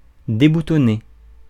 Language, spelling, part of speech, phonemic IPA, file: French, déboutonné, verb, /de.bu.tɔ.ne/, Fr-déboutonné.ogg
- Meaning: past participle of déboutonner